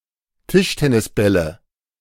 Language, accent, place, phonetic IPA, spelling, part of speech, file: German, Germany, Berlin, [ˈtɪʃtɛnɪsˌbɛlə], Tischtennisbälle, noun, De-Tischtennisbälle.ogg
- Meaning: nominative/accusative/genitive plural of Tischtennisball